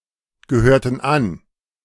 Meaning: inflection of angehören: 1. first/third-person plural preterite 2. first/third-person plural subjunctive II
- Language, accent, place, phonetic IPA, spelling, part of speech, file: German, Germany, Berlin, [ɡəˌhøːɐ̯tn̩ ˈan], gehörten an, verb, De-gehörten an.ogg